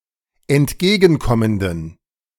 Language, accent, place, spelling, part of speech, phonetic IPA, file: German, Germany, Berlin, entgegenkommenden, adjective, [ɛntˈɡeːɡn̩ˌkɔməndn̩], De-entgegenkommenden.ogg
- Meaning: inflection of entgegenkommend: 1. strong genitive masculine/neuter singular 2. weak/mixed genitive/dative all-gender singular 3. strong/weak/mixed accusative masculine singular 4. strong dative plural